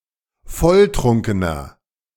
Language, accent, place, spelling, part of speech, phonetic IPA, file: German, Germany, Berlin, volltrunkener, adjective, [ˈfɔlˌtʁʊŋkənɐ], De-volltrunkener.ogg
- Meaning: inflection of volltrunken: 1. strong/mixed nominative masculine singular 2. strong genitive/dative feminine singular 3. strong genitive plural